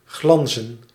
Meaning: to (cause to) glimmer
- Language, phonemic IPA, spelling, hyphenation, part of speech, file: Dutch, /ɣlɑn.zə(n)/, glanzen, glan‧zen, verb, Nl-glanzen.ogg